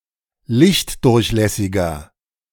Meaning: 1. comparative degree of lichtdurchlässig 2. inflection of lichtdurchlässig: strong/mixed nominative masculine singular 3. inflection of lichtdurchlässig: strong genitive/dative feminine singular
- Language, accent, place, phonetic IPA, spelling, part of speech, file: German, Germany, Berlin, [ˈlɪçtˌdʊʁçlɛsɪɡɐ], lichtdurchlässiger, adjective, De-lichtdurchlässiger.ogg